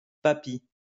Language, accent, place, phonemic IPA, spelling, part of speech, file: French, France, Lyon, /pa.pi/, papi, noun, LL-Q150 (fra)-papi.wav
- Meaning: 1. grandad, grandpa 2. old man, gramps